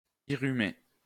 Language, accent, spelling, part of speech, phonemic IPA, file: French, France, irrumer, verb, /i.ʁy.me/, LL-Q150 (fra)-irrumer.wav
- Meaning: to irrumate